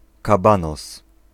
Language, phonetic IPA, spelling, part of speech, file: Polish, [kaˈbãnɔs], kabanos, noun, Pl-kabanos.ogg